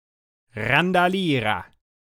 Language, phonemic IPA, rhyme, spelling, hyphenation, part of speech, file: German, /ʁandaˈliːʁɐ/, -iːʁɐ, Randalierer, Ran‧da‧lie‧rer, noun, De-Randalierer.ogg
- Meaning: hooligan, brawler